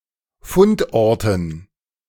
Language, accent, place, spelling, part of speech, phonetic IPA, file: German, Germany, Berlin, Fundorten, noun, [ˈfʊntˌʔɔʁtn̩], De-Fundorten.ogg
- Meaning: dative plural of Fundort